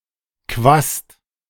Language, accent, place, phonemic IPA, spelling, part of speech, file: German, Germany, Berlin, /kvast/, Quast, noun, De-Quast.ogg
- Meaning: broad brush